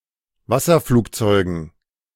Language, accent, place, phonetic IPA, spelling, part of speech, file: German, Germany, Berlin, [ˈvasɐˌfluːkt͡sɔɪ̯ɡn̩], Wasserflugzeugen, noun, De-Wasserflugzeugen.ogg
- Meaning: dative plural of Wasserflugzeug